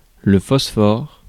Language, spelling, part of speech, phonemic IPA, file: French, phosphore, noun, /fɔs.fɔʁ/, Fr-phosphore.ogg
- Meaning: phosphorus (element)